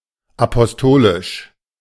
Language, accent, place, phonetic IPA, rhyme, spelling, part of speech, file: German, Germany, Berlin, [apɔsˈtoːlɪʃ], -oːlɪʃ, apostolisch, adjective, De-apostolisch.ogg
- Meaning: apostolic